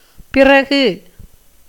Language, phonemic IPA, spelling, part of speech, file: Tamil, /pɪrɐɡɯ/, பிறகு, noun / postposition, Ta-பிறகு.ogg
- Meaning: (noun) posteriority; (postposition) after